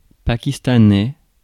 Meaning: Pakistani
- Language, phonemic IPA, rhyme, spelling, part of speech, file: French, /pa.kis.ta.nɛ/, -ɛ, pakistanais, adjective, Fr-pakistanais.ogg